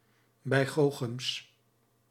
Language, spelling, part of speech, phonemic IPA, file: Dutch, bijgoochems, noun, /ˈbɛiɣoxəms/, Nl-bijgoochems.ogg
- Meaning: plural of bijgoochem